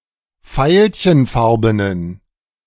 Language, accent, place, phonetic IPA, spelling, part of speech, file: German, Germany, Berlin, [ˈfaɪ̯lçənˌfaʁbənən], veilchenfarbenen, adjective, De-veilchenfarbenen.ogg
- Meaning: inflection of veilchenfarben: 1. strong genitive masculine/neuter singular 2. weak/mixed genitive/dative all-gender singular 3. strong/weak/mixed accusative masculine singular 4. strong dative plural